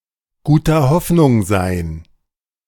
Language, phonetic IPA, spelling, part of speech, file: German, [ˈɡuːtɐ ˈhɔfnʊŋ zaɪ̯n], guter Hoffnung sein, phrase, De-guter Hoffnung sein.ogg